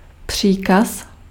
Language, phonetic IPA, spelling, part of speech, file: Czech, [ˈpr̝̊iːkas], příkaz, noun, Cs-příkaz.ogg
- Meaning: command, order